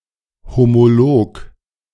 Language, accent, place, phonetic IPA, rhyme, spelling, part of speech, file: German, Germany, Berlin, [homoˈloːk], -oːk, Homolog, noun, De-Homolog.ogg
- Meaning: homologue (member of a homologous series)